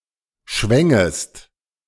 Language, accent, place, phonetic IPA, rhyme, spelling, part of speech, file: German, Germany, Berlin, [ˈʃvɛŋəst], -ɛŋəst, schwängest, verb, De-schwängest.ogg
- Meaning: second-person singular subjunctive I of schwingen